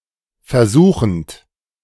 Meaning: present participle of versuchen
- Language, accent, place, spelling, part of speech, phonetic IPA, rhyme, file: German, Germany, Berlin, versuchend, verb, [fɛɐ̯ˈzuːxn̩t], -uːxn̩t, De-versuchend.ogg